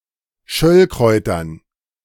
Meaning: dative plural of Schöllkraut
- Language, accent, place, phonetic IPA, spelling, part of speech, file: German, Germany, Berlin, [ˈʃœlkʁɔɪ̯tɐn], Schöllkräutern, noun, De-Schöllkräutern.ogg